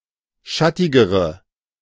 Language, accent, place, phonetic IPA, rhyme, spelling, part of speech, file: German, Germany, Berlin, [ˈʃatɪɡəʁə], -atɪɡəʁə, schattigere, adjective, De-schattigere.ogg
- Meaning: inflection of schattig: 1. strong/mixed nominative/accusative feminine singular comparative degree 2. strong nominative/accusative plural comparative degree